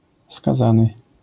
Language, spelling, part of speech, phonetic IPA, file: Polish, skazany, noun / verb, [skaˈzãnɨ], LL-Q809 (pol)-skazany.wav